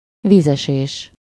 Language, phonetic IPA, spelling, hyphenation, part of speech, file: Hungarian, [ˈviːzɛʃeːʃ], vízesés, víz‧esés, noun, Hu-vízesés.ogg
- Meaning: waterfall, falls